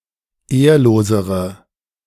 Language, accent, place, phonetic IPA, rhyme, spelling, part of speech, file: German, Germany, Berlin, [ˈeːɐ̯loːzəʁə], -eːɐ̯loːzəʁə, ehrlosere, adjective, De-ehrlosere.ogg
- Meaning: inflection of ehrlos: 1. strong/mixed nominative/accusative feminine singular comparative degree 2. strong nominative/accusative plural comparative degree